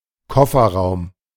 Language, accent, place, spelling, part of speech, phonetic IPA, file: German, Germany, Berlin, Kofferraum, noun, [ˈkɔfɐˌʁaʊ̯m], De-Kofferraum.ogg
- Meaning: boot, trunk (luggage storage compartment of a car)